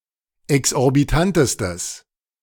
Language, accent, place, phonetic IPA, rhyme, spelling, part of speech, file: German, Germany, Berlin, [ɛksʔɔʁbiˈtantəstəs], -antəstəs, exorbitantestes, adjective, De-exorbitantestes.ogg
- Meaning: strong/mixed nominative/accusative neuter singular superlative degree of exorbitant